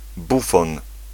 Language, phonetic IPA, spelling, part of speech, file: Polish, [ˈbufɔ̃n], bufon, noun, Pl-bufon.ogg